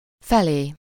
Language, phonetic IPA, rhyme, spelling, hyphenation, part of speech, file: Hungarian, [ˈfɛleː], -leː, felé, fe‧lé, postposition / pronoun, Hu-felé.ogg
- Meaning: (postposition) 1. to, towards, in the direction of 2. nearby, around 3. near, towards (a short but undetermined time before an event or time in question)